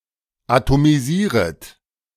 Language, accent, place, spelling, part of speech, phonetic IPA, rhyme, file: German, Germany, Berlin, atomisieret, verb, [atomiˈziːʁət], -iːʁət, De-atomisieret.ogg
- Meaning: second-person plural subjunctive I of atomisieren